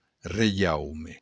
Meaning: kingdom
- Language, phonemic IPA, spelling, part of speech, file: Occitan, /reˈjawme/, reiaume, noun, LL-Q35735-reiaume.wav